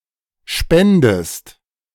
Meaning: inflection of spenden: 1. second-person singular present 2. second-person singular subjunctive I
- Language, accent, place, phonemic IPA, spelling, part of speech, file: German, Germany, Berlin, /ˈʃpɛndəst/, spendest, verb, De-spendest.ogg